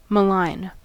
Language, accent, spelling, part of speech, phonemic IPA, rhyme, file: English, US, malign, adjective / verb, /məˈlaɪn/, -aɪn, En-us-malign.ogg
- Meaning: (adjective) 1. Evil or malignant in disposition, nature, intent or influence 2. Malevolent 3. Malignant; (verb) To make defamatory statements about; to slander or traduce